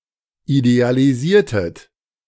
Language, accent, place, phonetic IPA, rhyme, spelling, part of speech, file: German, Germany, Berlin, [idealiˈziːɐ̯tət], -iːɐ̯tət, idealisiertet, verb, De-idealisiertet.ogg
- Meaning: inflection of idealisieren: 1. second-person plural preterite 2. second-person plural subjunctive II